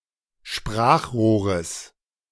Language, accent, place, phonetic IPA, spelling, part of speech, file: German, Germany, Berlin, [ˈʃpʁaːxˌʁoːʁəs], Sprachrohres, noun, De-Sprachrohres.ogg
- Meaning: genitive singular of Sprachrohr